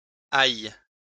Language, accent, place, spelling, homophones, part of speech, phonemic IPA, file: French, France, Lyon, aillent, aille / ailles, verb, /aj/, LL-Q150 (fra)-aillent.wav
- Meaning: 1. third-person plural present subjunctive of aller 2. third-person plural present indicative/subjunctive of ailler